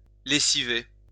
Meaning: 1. to launder, to wash clothes 2. to tire out
- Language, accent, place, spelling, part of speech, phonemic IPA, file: French, France, Lyon, lessiver, verb, /le.si.ve/, LL-Q150 (fra)-lessiver.wav